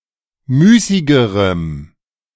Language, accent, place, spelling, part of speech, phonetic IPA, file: German, Germany, Berlin, müßigerem, adjective, [ˈmyːsɪɡəʁəm], De-müßigerem.ogg
- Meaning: strong dative masculine/neuter singular comparative degree of müßig